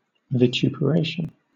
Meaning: 1. The act of vituperating; severely blaming or censuring 2. Criticism or invective that is sustained and overly harsh; abuse, severe blame or censure
- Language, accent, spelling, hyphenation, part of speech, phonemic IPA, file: English, Southern England, vituperation, vi‧tu‧per‧a‧tion, noun, /v(a)ɪˌtjuːpəˈɹeɪʃən/, LL-Q1860 (eng)-vituperation.wav